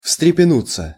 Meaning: 1. to rouse oneself, to liven up 2. to startle, to start 3. to shake its wings, to open/spread its wings (of a bird) 4. to throb, to beat faster (of the heart)
- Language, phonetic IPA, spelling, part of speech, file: Russian, [fstrʲɪpʲɪˈnut͡sːə], встрепенуться, verb, Ru-встрепенуться.ogg